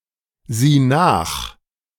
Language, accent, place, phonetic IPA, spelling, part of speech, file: German, Germany, Berlin, [ˌziː ˈnaːx], sieh nach, verb, De-sieh nach.ogg
- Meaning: singular imperative of nachsehen